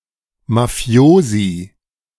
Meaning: plural of Mafioso
- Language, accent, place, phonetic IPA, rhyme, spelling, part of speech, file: German, Germany, Berlin, [maˈfi̯oːzi], -oːzi, Mafiosi, noun, De-Mafiosi.ogg